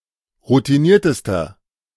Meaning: inflection of routiniert: 1. strong/mixed nominative masculine singular superlative degree 2. strong genitive/dative feminine singular superlative degree 3. strong genitive plural superlative degree
- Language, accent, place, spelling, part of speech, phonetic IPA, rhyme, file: German, Germany, Berlin, routiniertester, adjective, [ʁutiˈniːɐ̯təstɐ], -iːɐ̯təstɐ, De-routiniertester.ogg